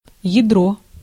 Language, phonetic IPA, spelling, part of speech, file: Russian, [(j)ɪˈdro], ядро, noun, Ru-ядро.ogg
- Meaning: 1. seed, stone (of a fruit) 2. cannonball, round shot 3. nucleus (a vowel or syllabic consonant in a syllable) 4. nucleus (an organelle which contains genetic material)